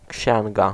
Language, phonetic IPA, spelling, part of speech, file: Polish, [ˈcɕɛ̃ŋɡa], księga, noun, Pl-księga.ogg